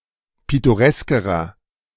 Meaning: inflection of pittoresk: 1. strong/mixed nominative masculine singular comparative degree 2. strong genitive/dative feminine singular comparative degree 3. strong genitive plural comparative degree
- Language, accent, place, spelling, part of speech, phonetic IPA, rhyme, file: German, Germany, Berlin, pittoreskerer, adjective, [ˌpɪtoˈʁɛskəʁɐ], -ɛskəʁɐ, De-pittoreskerer.ogg